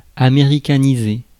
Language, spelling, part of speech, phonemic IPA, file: French, américaniser, verb, /a.me.ʁi.ka.ni.ze/, Fr-américaniser.ogg
- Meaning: to Americanize (to make American)